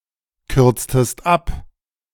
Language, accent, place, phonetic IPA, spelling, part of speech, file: German, Germany, Berlin, [ˌkʏʁt͡stəst ˈap], kürztest ab, verb, De-kürztest ab.ogg
- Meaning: inflection of abkürzen: 1. second-person singular preterite 2. second-person singular subjunctive II